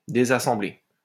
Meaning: to disassemble (to take to pieces)
- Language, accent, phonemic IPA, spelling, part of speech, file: French, France, /de.za.sɑ̃.ble/, désassembler, verb, LL-Q150 (fra)-désassembler.wav